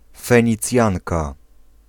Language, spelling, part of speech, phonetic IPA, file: Polish, Fenicjanka, noun, [ˌfɛ̃ɲiˈt͡sʲjãŋka], Pl-Fenicjanka.ogg